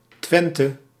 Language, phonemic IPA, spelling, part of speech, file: Dutch, /ˈtʋɛntə/, Twente, proper noun, Nl-Twente.ogg
- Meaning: the most urbanised, easternmost region of the province of Overijssel in the eastern Netherlands